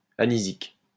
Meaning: anisic
- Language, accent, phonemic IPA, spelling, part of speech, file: French, France, /a.ni.zik/, anisique, adjective, LL-Q150 (fra)-anisique.wav